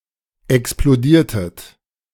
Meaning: inflection of explodieren: 1. second-person plural preterite 2. second-person plural subjunctive II
- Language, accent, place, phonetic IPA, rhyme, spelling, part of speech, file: German, Germany, Berlin, [ɛksploˈdiːɐ̯tət], -iːɐ̯tət, explodiertet, verb, De-explodiertet.ogg